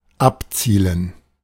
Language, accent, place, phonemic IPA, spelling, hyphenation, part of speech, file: German, Germany, Berlin, /ˈapˌt͡siːlən/, abzielen, ab‧zie‧len, verb, De-abzielen.ogg
- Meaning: to be aimed